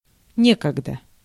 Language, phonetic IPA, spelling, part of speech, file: Russian, [ˈnʲekəɡdə], некогда, adjective / adverb, Ru-некогда.ogg
- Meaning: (adjective) there is no time; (adverb) in the old days, in former times, formerly, once